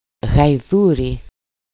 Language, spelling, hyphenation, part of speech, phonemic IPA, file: Greek, γαϊδούρι, γαϊ‧δού‧ρι, noun, /ɣajˈðuɾi/, EL-γαϊδούρι.ogg
- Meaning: alternative form of γάιδαρος (gáidaros)